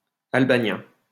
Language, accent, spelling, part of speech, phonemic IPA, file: French, France, Albanien, noun, /al.ba.njɛ̃/, LL-Q150 (fra)-Albanien.wav
- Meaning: Caucasian Albanian